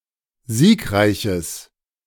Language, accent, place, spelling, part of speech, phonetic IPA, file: German, Germany, Berlin, siegreiches, adjective, [ˈziːkˌʁaɪ̯çəs], De-siegreiches.ogg
- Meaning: strong/mixed nominative/accusative neuter singular of siegreich